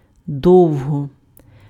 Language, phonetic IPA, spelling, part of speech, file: Ukrainian, [ˈdɔu̯ɦɔ], довго, adverb, Uk-довго.ogg
- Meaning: a long time